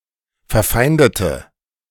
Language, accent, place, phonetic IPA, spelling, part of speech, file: German, Germany, Berlin, [fɛɐ̯ˈfaɪ̯ndətə], verfeindete, adjective / verb, De-verfeindete.ogg
- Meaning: inflection of verfeinden: 1. first/third-person singular preterite 2. first/third-person singular subjunctive II